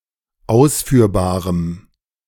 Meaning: strong dative masculine/neuter singular of ausführbar
- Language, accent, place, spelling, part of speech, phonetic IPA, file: German, Germany, Berlin, ausführbarem, adjective, [ˈaʊ̯sfyːɐ̯baːʁəm], De-ausführbarem.ogg